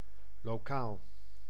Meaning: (adjective) local; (noun) room, hall, particularly a classroom
- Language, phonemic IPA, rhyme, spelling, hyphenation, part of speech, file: Dutch, /loːˈkaːl/, -aːl, lokaal, lo‧kaal, adjective / noun, Nl-lokaal.ogg